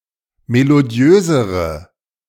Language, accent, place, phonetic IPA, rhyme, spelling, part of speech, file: German, Germany, Berlin, [meloˈdi̯øːzəʁə], -øːzəʁə, melodiösere, adjective, De-melodiösere.ogg
- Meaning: inflection of melodiös: 1. strong/mixed nominative/accusative feminine singular comparative degree 2. strong nominative/accusative plural comparative degree